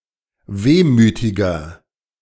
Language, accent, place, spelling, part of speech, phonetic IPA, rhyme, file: German, Germany, Berlin, wehmütiger, adjective, [ˈveːmyːtɪɡɐ], -eːmyːtɪɡɐ, De-wehmütiger.ogg
- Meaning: inflection of wehmütig: 1. strong/mixed nominative masculine singular 2. strong genitive/dative feminine singular 3. strong genitive plural